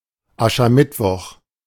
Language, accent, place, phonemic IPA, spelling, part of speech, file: German, Germany, Berlin, /ˈaʃɐˈmɪtvɔx/, Aschermittwoch, noun, De-Aschermittwoch.ogg
- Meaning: Ash Wednesday